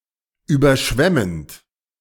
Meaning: present participle of überschwemmen
- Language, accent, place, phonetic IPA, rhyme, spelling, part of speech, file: German, Germany, Berlin, [ˌyːbɐˈʃvɛmənt], -ɛmənt, überschwemmend, verb, De-überschwemmend.ogg